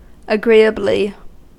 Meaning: 1. In an agreeable or pleasing manner 2. In accordance 3. Alike; similarly
- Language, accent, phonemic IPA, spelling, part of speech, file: English, US, /əˈɡɹiːəbli/, agreeably, adverb, En-us-agreeably.ogg